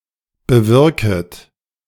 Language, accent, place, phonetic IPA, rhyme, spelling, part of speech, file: German, Germany, Berlin, [bəˈvɪʁkət], -ɪʁkət, bewirket, verb, De-bewirket.ogg
- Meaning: second-person plural subjunctive I of bewirken